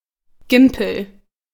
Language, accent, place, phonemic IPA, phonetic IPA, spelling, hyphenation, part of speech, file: German, Germany, Berlin, /ˈɡɪmpəl/, [ˈɡɪm.pl̩], Gimpel, Gim‧pel, noun, De-Gimpel.ogg
- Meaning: 1. bullfinch 2. simpleton